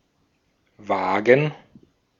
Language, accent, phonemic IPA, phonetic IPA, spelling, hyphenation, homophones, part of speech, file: German, Austria, /ˈvaːɡən/, [ˈvaːɡŋ̩], wagen, wa‧gen, vagen / Waagen / Wagen, verb, De-at-wagen.ogg
- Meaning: 1. to dare (to do something, despite possible risks) 2. to dare to go, to venture (despite some perceived danger) 3. to risk (one's life, etc.)